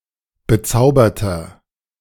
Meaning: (adjective) 1. comparative degree of bezaubert 2. inflection of bezaubert: strong/mixed nominative masculine singular 3. inflection of bezaubert: strong genitive/dative feminine singular
- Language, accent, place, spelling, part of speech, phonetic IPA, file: German, Germany, Berlin, bezauberter, adjective, [bəˈt͡saʊ̯bɐtɐ], De-bezauberter.ogg